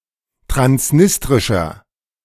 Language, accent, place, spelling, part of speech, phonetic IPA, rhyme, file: German, Germany, Berlin, transnistrischer, adjective, [tʁansˈnɪstʁɪʃɐ], -ɪstʁɪʃɐ, De-transnistrischer.ogg
- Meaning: inflection of transnistrisch: 1. strong/mixed nominative masculine singular 2. strong genitive/dative feminine singular 3. strong genitive plural